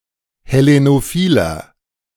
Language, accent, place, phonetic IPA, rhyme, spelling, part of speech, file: German, Germany, Berlin, [hɛˌlenoˈfiːlɐ], -iːlɐ, hellenophiler, adjective, De-hellenophiler.ogg
- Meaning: 1. comparative degree of hellenophil 2. inflection of hellenophil: strong/mixed nominative masculine singular 3. inflection of hellenophil: strong genitive/dative feminine singular